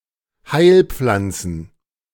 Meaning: plural of Heilpflanze
- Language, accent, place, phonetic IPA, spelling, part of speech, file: German, Germany, Berlin, [ˈhaɪ̯lˌp͡flant͡sn̩], Heilpflanzen, noun, De-Heilpflanzen.ogg